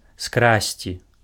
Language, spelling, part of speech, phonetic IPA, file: Belarusian, скрасці, verb, [ˈskrasʲt͡sʲi], Be-скрасці.ogg
- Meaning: to steal